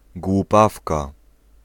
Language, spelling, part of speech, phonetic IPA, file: Polish, głupawka, noun, [ɡwuˈpafka], Pl-głupawka.ogg